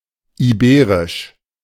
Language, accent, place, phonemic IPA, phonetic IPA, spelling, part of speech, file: German, Germany, Berlin, /iˈbeːʁɪʃ/, [ʔiˈbeːʁɪʃ], iberisch, adjective, De-iberisch.ogg
- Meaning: Iberian (of or pertaining to Iberia)